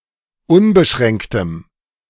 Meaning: strong dative masculine/neuter singular of unbeschränkt
- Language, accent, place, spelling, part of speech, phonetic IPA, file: German, Germany, Berlin, unbeschränktem, adjective, [ˈʊnbəˌʃʁɛŋktəm], De-unbeschränktem.ogg